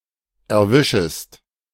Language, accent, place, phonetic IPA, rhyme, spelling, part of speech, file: German, Germany, Berlin, [ɛɐ̯ˈvɪʃəst], -ɪʃəst, erwischest, verb, De-erwischest.ogg
- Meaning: second-person singular subjunctive I of erwischen